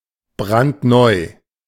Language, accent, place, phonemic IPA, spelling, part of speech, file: German, Germany, Berlin, /ˈbʁantˈnɔʏ̯/, brandneu, adjective, De-brandneu.ogg
- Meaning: brand new